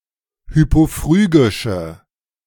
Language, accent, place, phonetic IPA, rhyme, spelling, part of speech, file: German, Germany, Berlin, [ˌhypoˈfʁyːɡɪʃə], -yːɡɪʃə, hypophrygische, adjective, De-hypophrygische.ogg
- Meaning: inflection of hypophrygisch: 1. strong/mixed nominative/accusative feminine singular 2. strong nominative/accusative plural 3. weak nominative all-gender singular